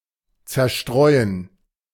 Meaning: 1. to scatter 2. to cause (e.g. a crowd) to scatter or break up 3. to distract, divert (oneself)
- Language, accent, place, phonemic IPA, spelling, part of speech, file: German, Germany, Berlin, /tsɐˈʃtʁɔɪ̯ən/, zerstreuen, verb, De-zerstreuen.ogg